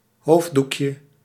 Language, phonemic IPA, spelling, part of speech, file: Dutch, /ˈhovdukjə/, hoofddoekje, noun, Nl-hoofddoekje.ogg
- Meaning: diminutive of hoofddoek